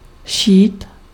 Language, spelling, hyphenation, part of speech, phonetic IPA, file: Czech, šít, šít, verb, [ˈʃiːt], Cs-šít.ogg
- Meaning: to sew